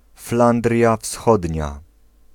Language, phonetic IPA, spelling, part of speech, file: Polish, [ˈflãndrʲja ˈfsxɔdʲɲa], Flandria Wschodnia, proper noun, Pl-Flandria Wschodnia.ogg